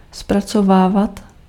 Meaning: imperfective form of zpracovat
- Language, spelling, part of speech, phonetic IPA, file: Czech, zpracovávat, verb, [ˈsprat͡sovaːvat], Cs-zpracovávat.ogg